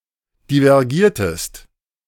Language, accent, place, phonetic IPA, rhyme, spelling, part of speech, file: German, Germany, Berlin, [divɛʁˈɡiːɐ̯təst], -iːɐ̯təst, divergiertest, verb, De-divergiertest.ogg
- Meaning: inflection of divergieren: 1. second-person singular preterite 2. second-person singular subjunctive II